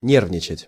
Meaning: to be nervous, to feel nervous
- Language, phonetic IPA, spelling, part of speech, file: Russian, [ˈnʲervnʲɪt͡ɕɪtʲ], нервничать, verb, Ru-нервничать.ogg